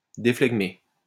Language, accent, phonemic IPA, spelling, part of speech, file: French, France, /de.flɛɡ.me/, déflegmer, verb, LL-Q150 (fra)-déflegmer.wav
- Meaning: to dephlegmate